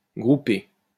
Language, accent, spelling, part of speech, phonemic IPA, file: French, France, groupé, verb, /ɡʁu.pe/, LL-Q150 (fra)-groupé.wav
- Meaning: past participle of grouper